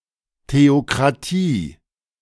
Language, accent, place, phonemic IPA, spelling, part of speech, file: German, Germany, Berlin, /ˌteokʁaˈtiː/, Theokratie, noun, De-Theokratie.ogg
- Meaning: theocracy (government under the control of a state-sponsored religion)